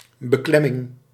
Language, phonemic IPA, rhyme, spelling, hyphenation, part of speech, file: Dutch, /bəˈklɛ.mɪŋ/, -ɛmɪŋ, beklemming, be‧klem‧ming, noun, Nl-beklemming.ogg
- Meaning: 1. inheritable right of use of agricultural ground that one doesn't own, in exchange for rent paid to the owner 2. troubling or trying situation, difficulty, oppression